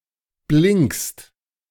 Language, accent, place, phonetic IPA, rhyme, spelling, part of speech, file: German, Germany, Berlin, [blɪŋkst], -ɪŋkst, blinkst, verb, De-blinkst.ogg
- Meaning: second-person singular present of blinken